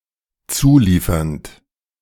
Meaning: present participle of zuliefern
- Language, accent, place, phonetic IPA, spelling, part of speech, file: German, Germany, Berlin, [ˈt͡suːˌliːfɐnt], zuliefernd, verb, De-zuliefernd.ogg